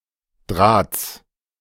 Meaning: genitive singular of Draht
- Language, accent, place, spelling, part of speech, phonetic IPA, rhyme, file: German, Germany, Berlin, Drahts, noun, [dʁaːt͡s], -aːt͡s, De-Drahts.ogg